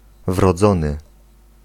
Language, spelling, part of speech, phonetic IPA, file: Polish, wrodzony, adjective, [vrɔˈd͡zɔ̃nɨ], Pl-wrodzony.ogg